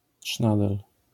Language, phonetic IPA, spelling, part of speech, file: Polish, [ˈṭʃnadɛl], trznadel, noun, LL-Q809 (pol)-trznadel.wav